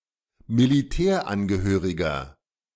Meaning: 1. servicemember, serviceman (male or of unspecified gender) 2. inflection of Militärangehörige: strong genitive/dative singular 3. inflection of Militärangehörige: strong genitive plural
- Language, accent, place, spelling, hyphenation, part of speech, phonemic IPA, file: German, Germany, Berlin, Militärangehöriger, Mi‧li‧tär‧an‧ge‧hö‧ri‧ger, noun, /miliˈtɛːrˌanɡəˌhøːrɪɡər/, De-Militärangehöriger.ogg